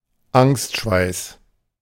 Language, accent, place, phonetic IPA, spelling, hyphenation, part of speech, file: German, Germany, Berlin, [ˈaŋstˌʃvaɪ̯s], Angstschweiß, Angst‧schweiß, noun, De-Angstschweiß.ogg
- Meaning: cold sweat